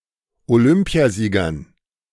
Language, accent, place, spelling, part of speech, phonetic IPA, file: German, Germany, Berlin, Olympiasiegern, noun, [oˈlʏmpi̯aˌziːɡɐn], De-Olympiasiegern.ogg
- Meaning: dative plural of Olympiasieger